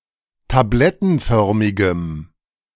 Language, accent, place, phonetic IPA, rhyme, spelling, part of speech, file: German, Germany, Berlin, [taˈblɛtn̩ˌfœʁmɪɡəm], -ɛtn̩fœʁmɪɡəm, tablettenförmigem, adjective, De-tablettenförmigem.ogg
- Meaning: strong dative masculine/neuter singular of tablettenförmig